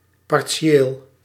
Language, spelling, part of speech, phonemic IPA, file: Dutch, partieel, adjective / adverb, /pɑrˈsʲeːl/, Nl-partieel.ogg
- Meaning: partial